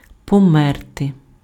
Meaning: to die
- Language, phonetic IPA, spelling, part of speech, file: Ukrainian, [pɔˈmɛrte], померти, verb, Uk-померти.ogg